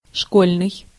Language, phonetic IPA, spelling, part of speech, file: Russian, [ˈʂkolʲnɨj], школьный, adjective, Ru-школьный.ogg
- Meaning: school